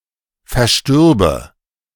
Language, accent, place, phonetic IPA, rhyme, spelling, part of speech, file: German, Germany, Berlin, [fɛɐ̯ˈʃtʏʁbə], -ʏʁbə, verstürbe, verb, De-verstürbe.ogg
- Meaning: first/third-person singular subjunctive II of versterben